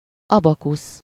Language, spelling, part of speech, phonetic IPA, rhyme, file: Hungarian, abakusz, noun, [ˈɒbɒkus], -us, Hu-abakusz.ogg
- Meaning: 1. abacus (an instrument for performing arithmetical calculations by balls sliding on wires) 2. abacus (the uppermost member or division of the capital of a column)